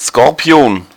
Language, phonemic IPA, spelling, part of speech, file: German, /skɔrˈpi̯oːn/, Skorpion, noun / proper noun, De-Skorpion.ogg
- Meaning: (noun) 1. scorpion (arachnid of order Scorpiones) 2. scorpio (one born in the sign of Scorpio); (proper noun) 1. Scorpio, a constellation 2. Scorpio, a Zodiac sign used in astrology